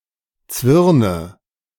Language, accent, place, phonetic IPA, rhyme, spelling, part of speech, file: German, Germany, Berlin, [ˈt͡svɪʁnə], -ɪʁnə, Zwirne, noun, De-Zwirne.ogg
- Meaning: nominative/accusative/genitive plural of Zwirn